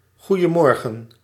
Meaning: good morning
- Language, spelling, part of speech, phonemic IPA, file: Dutch, goeiemorgen, interjection, /ˌɣujəˈmɔrɣə(n)/, Nl-goeiemorgen.ogg